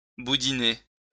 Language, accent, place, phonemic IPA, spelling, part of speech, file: French, France, Lyon, /bu.di.ne/, boudiner, verb, LL-Q150 (fra)-boudiner.wav
- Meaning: to contort into the shape of a sausage